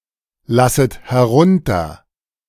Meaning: second-person plural subjunctive I of herunterlassen
- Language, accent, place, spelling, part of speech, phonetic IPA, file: German, Germany, Berlin, lasset herunter, verb, [ˌlasət hɛˈʁʊntɐ], De-lasset herunter.ogg